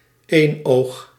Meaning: one-eye (a person with one eye)
- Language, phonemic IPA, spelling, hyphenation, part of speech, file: Dutch, /ˈeːn.oːx/, eenoog, een‧oog, noun, Nl-eenoog.ogg